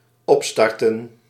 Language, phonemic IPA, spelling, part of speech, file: Dutch, /ˈɔpstɑrtə(n)/, opstarten, verb, Nl-opstarten.ogg
- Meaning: 1. to start up 2. to boot, to launch